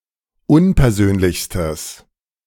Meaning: strong/mixed nominative/accusative neuter singular superlative degree of unpersönlich
- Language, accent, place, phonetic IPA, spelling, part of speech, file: German, Germany, Berlin, [ˈʊnpɛɐ̯ˌzøːnlɪçstəs], unpersönlichstes, adjective, De-unpersönlichstes.ogg